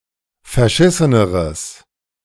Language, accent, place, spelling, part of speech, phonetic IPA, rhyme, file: German, Germany, Berlin, verschisseneres, adjective, [fɛɐ̯ˈʃɪsənəʁəs], -ɪsənəʁəs, De-verschisseneres.ogg
- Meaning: strong/mixed nominative/accusative neuter singular comparative degree of verschissen